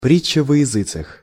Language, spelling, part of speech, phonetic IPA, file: Russian, притча во языцех, noun, [ˈprʲit͡ɕːə və‿(j)ɪˈzɨt͡sɨx], Ru-притча во языцех.ogg
- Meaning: talk of the town (a topic or person discussed by many people)